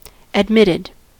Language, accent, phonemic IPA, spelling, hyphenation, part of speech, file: English, US, /ədˈmɪtɪd/, admitted, ad‧mit‧ted, verb / adjective, En-us-admitted.ogg
- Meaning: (verb) simple past and past participle of admit; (adjective) having received admittance